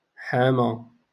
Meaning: to defend, to plead
- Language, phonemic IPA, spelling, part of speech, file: Moroccan Arabic, /ħaː.ma/, حامى, verb, LL-Q56426 (ary)-حامى.wav